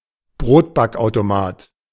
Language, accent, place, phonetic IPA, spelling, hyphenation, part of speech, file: German, Germany, Berlin, [ˈbʀoːtbakʔaʊ̯toˌmaːt], Brotbackautomat, Brot‧back‧au‧to‧mat, noun, De-Brotbackautomat.ogg
- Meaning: bread maker